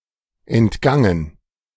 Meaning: past participle of entgehen
- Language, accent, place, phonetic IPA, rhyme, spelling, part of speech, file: German, Germany, Berlin, [ɛntˈɡaŋən], -aŋən, entgangen, verb, De-entgangen.ogg